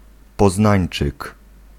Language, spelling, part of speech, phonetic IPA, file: Polish, poznańczyk, noun, [pɔˈznãj̃n͇t͡ʃɨk], Pl-poznańczyk.ogg